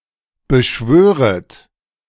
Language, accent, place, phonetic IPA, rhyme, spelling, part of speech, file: German, Germany, Berlin, [bəˈʃvøːʁət], -øːʁət, beschwöret, verb, De-beschwöret.ogg
- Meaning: second-person plural subjunctive I of beschwören